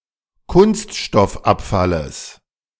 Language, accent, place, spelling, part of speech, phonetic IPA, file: German, Germany, Berlin, Kunststoffabfalles, noun, [ˈkʊnstʃtɔfˌʔapfaləs], De-Kunststoffabfalles.ogg
- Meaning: genitive singular of Kunststoffabfall